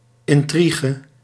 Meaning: 1. intrigue, plot (series of complications) 2. intrigue, plot (clandistine scheme or activity)
- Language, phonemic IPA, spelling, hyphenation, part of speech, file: Dutch, /ˌɪnˈtriː.ʒə/, intrige, in‧tri‧ge, noun, Nl-intrige.ogg